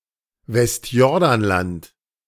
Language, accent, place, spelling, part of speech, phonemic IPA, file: German, Germany, Berlin, Westjordanland, proper noun, /ˌvɛstˈjɔʁdanlant/, De-Westjordanland.ogg
- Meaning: West Bank (territory)